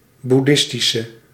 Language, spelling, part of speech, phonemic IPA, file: Dutch, boeddhistische, adjective, /buˈdɪstisə/, Nl-boeddhistische.ogg
- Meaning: inflection of boeddhistisch: 1. masculine/feminine singular attributive 2. definite neuter singular attributive 3. plural attributive